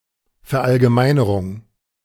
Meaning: generalization
- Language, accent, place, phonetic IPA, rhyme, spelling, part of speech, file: German, Germany, Berlin, [fɛɐ̯ˌʔalɡəˈmaɪ̯nəʁʊŋ], -aɪ̯nəʁʊŋ, Verallgemeinerung, noun, De-Verallgemeinerung.ogg